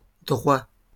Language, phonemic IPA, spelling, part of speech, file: French, /dʁwa/, droits, adjective / noun, LL-Q150 (fra)-droits.wav
- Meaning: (adjective) masculine plural of droit; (noun) plural of droit